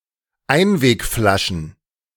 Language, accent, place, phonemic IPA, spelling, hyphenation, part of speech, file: German, Germany, Berlin, /ˈaɪ̯nveːkˌflaʃn̩/, Einwegflaschen, Ein‧weg‧fla‧schen, noun, De-Einwegflaschen.ogg
- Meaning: plural of Einwegflasche